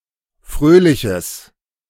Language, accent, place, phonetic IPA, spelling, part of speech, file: German, Germany, Berlin, [ˈfʁøːlɪçəs], fröhliches, adjective, De-fröhliches.ogg
- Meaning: strong/mixed nominative/accusative neuter singular of fröhlich